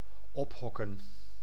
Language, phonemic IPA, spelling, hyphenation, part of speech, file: Dutch, /ˈɔpˌɦɔ.kə(n)/, ophokken, op‧hok‧ken, verb, Nl-ophokken.ogg
- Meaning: to bring inside, to stable